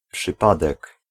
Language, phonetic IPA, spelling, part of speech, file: Polish, [pʃɨˈpadɛk], przypadek, noun, Pl-przypadek.ogg